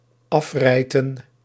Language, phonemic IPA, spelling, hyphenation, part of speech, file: Dutch, /ˈɑfrɛi̯tə(n)/, afrijten, af‧rij‧ten, verb, Nl-afrijten.ogg
- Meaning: to tear a small(er) part away from a whole